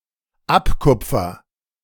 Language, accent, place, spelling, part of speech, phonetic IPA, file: German, Germany, Berlin, abkupfer, verb, [ˈapˌkʊp͡fɐ], De-abkupfer.ogg
- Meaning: first-person singular dependent present of abkupfern